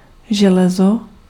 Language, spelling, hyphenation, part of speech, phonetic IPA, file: Czech, železo, že‧le‧zo, noun, [ˈʒɛlɛzo], Cs-železo.ogg
- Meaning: 1. iron (chemical element) 2. iron (a type of golf club)